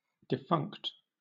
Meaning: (adjective) No longer in use or active, nor expected to be again
- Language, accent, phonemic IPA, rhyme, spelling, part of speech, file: English, Southern England, /dɪˈfʌŋkt/, -ʌŋkt, defunct, adjective / verb / noun, LL-Q1860 (eng)-defunct.wav